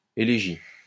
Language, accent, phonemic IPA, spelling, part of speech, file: French, France, /e.le.ʒi/, élégie, noun, LL-Q150 (fra)-élégie.wav
- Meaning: elegy (mournful or plaintive poem or song)